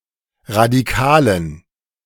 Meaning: inflection of radikal: 1. strong genitive masculine/neuter singular 2. weak/mixed genitive/dative all-gender singular 3. strong/weak/mixed accusative masculine singular 4. strong dative plural
- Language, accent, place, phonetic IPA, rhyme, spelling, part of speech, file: German, Germany, Berlin, [ʁadiˈkaːlən], -aːlən, radikalen, adjective, De-radikalen.ogg